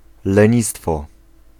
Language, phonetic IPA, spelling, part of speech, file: Polish, [lɛ̃ˈɲistfɔ], lenistwo, noun, Pl-lenistwo.ogg